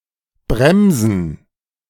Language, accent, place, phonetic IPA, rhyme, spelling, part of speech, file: German, Germany, Berlin, [ˈbʁɛmzn̩], -ɛmzn̩, Bremsen, noun, De-Bremsen.ogg
- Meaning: 1. gerund of bremsen 2. plural of Bremse